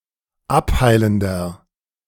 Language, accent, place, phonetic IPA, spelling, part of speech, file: German, Germany, Berlin, [ˈapˌhaɪ̯ləndɐ], abheilender, adjective, De-abheilender.ogg
- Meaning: inflection of abheilend: 1. strong/mixed nominative masculine singular 2. strong genitive/dative feminine singular 3. strong genitive plural